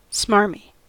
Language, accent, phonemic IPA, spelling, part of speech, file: English, US, /ˈsmɑɹ.mi/, smarmy, adjective, En-us-smarmy.ogg
- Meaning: 1. Falsely earnest, smug, ingratiating, or pious 2. Unctuous, greasy, as hair from pomade